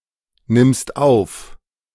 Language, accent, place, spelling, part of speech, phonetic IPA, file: German, Germany, Berlin, nimmst auf, verb, [nɪmst ˈaʊ̯f], De-nimmst auf.ogg
- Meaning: second-person singular present of aufnehmen